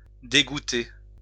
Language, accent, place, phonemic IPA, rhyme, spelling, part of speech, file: French, France, Lyon, /de.ɡu.te/, -e, dégoutter, verb, LL-Q150 (fra)-dégoutter.wav
- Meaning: to drip